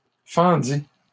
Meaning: third-person singular past historic of fendre
- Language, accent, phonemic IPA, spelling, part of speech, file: French, Canada, /fɑ̃.di/, fendit, verb, LL-Q150 (fra)-fendit.wav